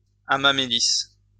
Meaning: 1. hamamelis, witch hazel (delicious tree of the genus Hamamelis) 2. witch hazel (extract derived from this plant)
- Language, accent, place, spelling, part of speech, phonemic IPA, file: French, France, Lyon, hamamélis, noun, /a.ma.me.li/, LL-Q150 (fra)-hamamélis.wav